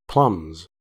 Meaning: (noun) plural of plumb; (verb) third-person singular simple present indicative of plumb
- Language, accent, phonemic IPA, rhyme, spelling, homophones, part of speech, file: English, US, /plʌmz/, -ʌmz, plumbs, plums, noun / verb, En-us-plumbs.ogg